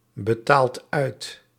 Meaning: inflection of uitbetalen: 1. second/third-person singular present indicative 2. plural imperative
- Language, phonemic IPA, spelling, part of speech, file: Dutch, /bəˈtalt ˈœyt/, betaalt uit, verb, Nl-betaalt uit.ogg